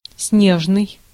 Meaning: snow; snowy
- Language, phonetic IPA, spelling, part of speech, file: Russian, [ˈsnʲeʐnɨj], снежный, adjective, Ru-снежный.ogg